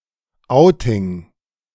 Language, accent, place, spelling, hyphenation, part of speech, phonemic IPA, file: German, Germany, Berlin, Outing, Ou‧ting, noun, /ˈaʊ̯tɪŋ/, De-Outing.ogg
- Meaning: outing, coming out